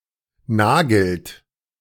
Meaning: inflection of nageln: 1. third-person singular present 2. second-person plural present 3. plural imperative
- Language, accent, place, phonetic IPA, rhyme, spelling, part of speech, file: German, Germany, Berlin, [ˈnaːɡl̩t], -aːɡl̩t, nagelt, verb, De-nagelt.ogg